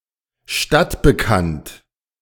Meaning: known to the inhabitants of a city
- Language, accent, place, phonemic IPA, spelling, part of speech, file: German, Germany, Berlin, /ˈʃtatbəˌkant/, stadtbekannt, adjective, De-stadtbekannt.ogg